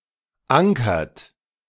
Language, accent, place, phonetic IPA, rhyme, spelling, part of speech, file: German, Germany, Berlin, [ˈaŋkɐt], -aŋkɐt, ankert, verb, De-ankert.ogg
- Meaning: inflection of ankern: 1. third-person singular present 2. second-person plural present 3. plural imperative